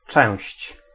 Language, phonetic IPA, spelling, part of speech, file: Polish, [t͡ʃɛ̃w̃ɕt͡ɕ], część, noun, Pl-część.ogg